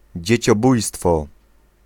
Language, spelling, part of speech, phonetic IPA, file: Polish, dzieciobójstwo, noun, [ˌd͡ʑɛ̇t͡ɕɔˈbujstfɔ], Pl-dzieciobójstwo.ogg